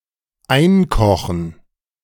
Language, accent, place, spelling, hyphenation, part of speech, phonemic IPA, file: German, Germany, Berlin, einkochen, ein‧ko‧chen, verb, /ˈaɪ̯nkɔχn̩/, De-einkochen.ogg
- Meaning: 1. to boil down 2. to preserve, to bottle (to preserve food by heating and sealing in a can, jar or bottle) 3. to deceive, scam